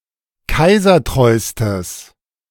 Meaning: strong/mixed nominative/accusative neuter singular superlative degree of kaisertreu
- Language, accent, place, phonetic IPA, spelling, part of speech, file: German, Germany, Berlin, [ˈkaɪ̯zɐˌtʁɔɪ̯stəs], kaisertreustes, adjective, De-kaisertreustes.ogg